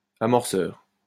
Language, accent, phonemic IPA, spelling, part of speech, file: French, France, /a.mɔʁ.sœʁ/, amorceur, noun, LL-Q150 (fra)-amorceur.wav
- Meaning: initiator